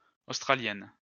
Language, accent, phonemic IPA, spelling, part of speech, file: French, France, /os.tʁa.ljɛn/, australiennes, adjective, LL-Q150 (fra)-australiennes.wav
- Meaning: feminine plural of australien